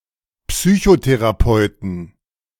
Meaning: 1. genitive singular of Psychotherapeut 2. plural of Psychotherapeut
- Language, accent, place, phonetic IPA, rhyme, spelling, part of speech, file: German, Germany, Berlin, [psyçoteʁaˈpɔɪ̯tn̩], -ɔɪ̯tn̩, Psychotherapeuten, noun, De-Psychotherapeuten.ogg